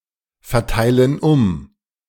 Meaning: inflection of umverteilen: 1. first/third-person plural present 2. first/third-person plural subjunctive I
- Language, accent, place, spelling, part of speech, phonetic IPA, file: German, Germany, Berlin, verteilen um, verb, [fɛɐ̯ˌtaɪ̯lən ˈʊm], De-verteilen um.ogg